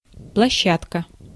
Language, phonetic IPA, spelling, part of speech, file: Russian, [pɫɐˈɕːatkə], площадка, noun, Ru-площадка.ogg
- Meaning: 1. area, ground, playground 2. (tennis) court 3. platform 4. landing